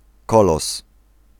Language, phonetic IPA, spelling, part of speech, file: Polish, [ˈkɔlɔs], kolos, noun, Pl-kolos.ogg